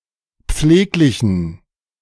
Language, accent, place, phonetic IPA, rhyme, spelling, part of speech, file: German, Germany, Berlin, [ˈp͡fleːklɪçn̩], -eːklɪçn̩, pfleglichen, adjective, De-pfleglichen.ogg
- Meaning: inflection of pfleglich: 1. strong genitive masculine/neuter singular 2. weak/mixed genitive/dative all-gender singular 3. strong/weak/mixed accusative masculine singular 4. strong dative plural